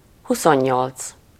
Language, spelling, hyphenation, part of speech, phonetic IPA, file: Hungarian, huszonnyolc, hu‧szon‧nyolc, numeral, [ˈhusoɲːolt͡s], Hu-huszonnyolc.ogg
- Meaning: twenty-eight